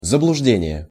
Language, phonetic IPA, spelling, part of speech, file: Russian, [zəbɫʊʐˈdʲenʲɪje], заблуждение, noun, Ru-заблуждение.ogg
- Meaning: delusion (state of being deluded or misled); misbelief